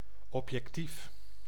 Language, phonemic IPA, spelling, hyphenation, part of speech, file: Dutch, /ˌɔpjɛkˈtif/, objectief, ob‧jec‧tief, noun / adjective / adverb, Nl-objectief.ogg
- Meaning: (adjective) objective, impartial; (noun) 1. goal, objective, target to be achieved 2. objective, lens of microscope or binoculars closest to the object